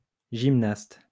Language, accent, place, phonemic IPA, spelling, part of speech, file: French, France, Lyon, /ʒim.nast/, gymnaste, noun, LL-Q150 (fra)-gymnaste.wav
- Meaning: gymnast